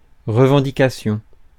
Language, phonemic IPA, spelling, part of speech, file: French, /ʁə.vɑ̃.di.ka.sjɔ̃/, revendication, noun, Fr-revendication.ogg
- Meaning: 1. airing of one's demand; claiming of one's identity 2. an instance of such a demand or claim